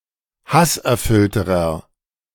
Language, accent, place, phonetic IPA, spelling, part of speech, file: German, Germany, Berlin, [ˈhasʔɛɐ̯ˌfʏltəʁɐ], hasserfüllterer, adjective, De-hasserfüllterer.ogg
- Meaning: inflection of hasserfüllt: 1. strong/mixed nominative masculine singular comparative degree 2. strong genitive/dative feminine singular comparative degree 3. strong genitive plural comparative degree